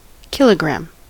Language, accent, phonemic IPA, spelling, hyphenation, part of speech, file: English, US, /ˈkɪləɡɹæm/, kilogram, kil‧o‧gram, noun, En-us-kilogram.ogg